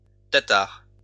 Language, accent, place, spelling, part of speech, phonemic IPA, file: French, France, Lyon, tatar, noun, /ta.taʁ/, LL-Q150 (fra)-tatar.wav
- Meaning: Tatar (language)